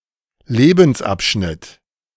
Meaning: phase, stage of life; chapter in one's life
- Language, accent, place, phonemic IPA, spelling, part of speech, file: German, Germany, Berlin, /ˈleːbn̩sˌʔapʃnɪt/, Lebensabschnitt, noun, De-Lebensabschnitt.ogg